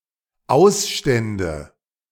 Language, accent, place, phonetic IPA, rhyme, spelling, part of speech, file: German, Germany, Berlin, [ˈaʊ̯sˌʃtɛndə], -aʊ̯sʃtɛndə, Ausstände, noun, De-Ausstände.ogg
- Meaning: nominative/accusative/genitive plural of Ausstand